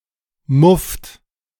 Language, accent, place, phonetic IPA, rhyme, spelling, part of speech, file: German, Germany, Berlin, [mʊft], -ʊft, mufft, verb, De-mufft.ogg
- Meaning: inflection of muffen: 1. second-person plural present 2. third-person singular present 3. plural imperative